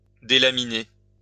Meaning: to delaminate
- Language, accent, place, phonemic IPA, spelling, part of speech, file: French, France, Lyon, /de.la.mi.ne/, délaminer, verb, LL-Q150 (fra)-délaminer.wav